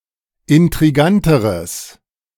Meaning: strong/mixed nominative/accusative neuter singular comparative degree of intrigant
- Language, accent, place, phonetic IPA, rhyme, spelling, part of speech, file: German, Germany, Berlin, [ɪntʁiˈɡantəʁəs], -antəʁəs, intriganteres, adjective, De-intriganteres.ogg